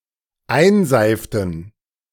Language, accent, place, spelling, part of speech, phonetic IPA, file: German, Germany, Berlin, einseiften, verb, [ˈaɪ̯nˌzaɪ̯ftn̩], De-einseiften.ogg
- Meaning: inflection of einseifen: 1. first/third-person plural dependent preterite 2. first/third-person plural dependent subjunctive II